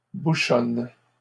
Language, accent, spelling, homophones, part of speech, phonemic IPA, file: French, Canada, bouchonne, bouchonnent / bouchonnes, verb, /bu.ʃɔn/, LL-Q150 (fra)-bouchonne.wav
- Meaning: inflection of bouchonner: 1. first/third-person singular present indicative/subjunctive 2. second-person singular imperative